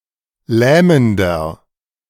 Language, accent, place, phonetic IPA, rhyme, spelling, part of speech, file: German, Germany, Berlin, [ˈlɛːməndɐ], -ɛːməndɐ, lähmender, adjective, De-lähmender.ogg
- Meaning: inflection of lähmend: 1. strong/mixed nominative masculine singular 2. strong genitive/dative feminine singular 3. strong genitive plural